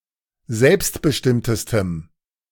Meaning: strong dative masculine/neuter singular superlative degree of selbstbestimmt
- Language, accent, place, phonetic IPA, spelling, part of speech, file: German, Germany, Berlin, [ˈzɛlpstbəˌʃtɪmtəstəm], selbstbestimmtestem, adjective, De-selbstbestimmtestem.ogg